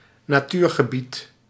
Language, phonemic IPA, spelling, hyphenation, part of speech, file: Dutch, /naːˈtyːrɣəˌbit/, natuurgebied, na‧tuur‧ge‧bied, noun, Nl-natuurgebied.ogg
- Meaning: nature reserve